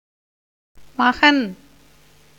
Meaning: 1. son 2. child 3. man, male person 4. husband
- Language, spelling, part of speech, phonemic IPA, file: Tamil, மகன், noun, /mɐɡɐn/, Ta-மகன்.ogg